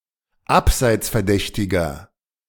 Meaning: inflection of abseitsverdächtig: 1. strong/mixed nominative masculine singular 2. strong genitive/dative feminine singular 3. strong genitive plural
- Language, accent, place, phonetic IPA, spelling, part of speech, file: German, Germany, Berlin, [ˈapzaɪ̯t͡sfɛɐ̯ˌdɛçtɪɡɐ], abseitsverdächtiger, adjective, De-abseitsverdächtiger.ogg